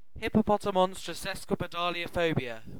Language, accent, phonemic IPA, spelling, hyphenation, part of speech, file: English, UK, /ˌhɪ.pəˌpɒ.tə(ʊ)ˈmɒn.stɹə(ʊ)ˌsɛs.kwɪ.pɪˌdɑːl.ɪ.ə(ʊ)ˈfəʊ.bɪ.ə/, hippopotomonstrosesquipedaliophobia, hip‧po‧po‧to‧mon‧stro‧ses‧qui‧pe‧dal‧i‧o‧pho‧bi‧a, noun, En-uk-hippopotomonstrosesquipedaliophobia.ogg
- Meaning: The fear of long words